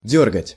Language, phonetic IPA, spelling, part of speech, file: Russian, [ˈdʲɵrɡətʲ], дёргать, verb, Ru-дёргать.ogg
- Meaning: 1. to pull, to tug 2. to pull out 3. to twitch, to throb, to twinge 4. to move sharply, to jerk 5. to disturb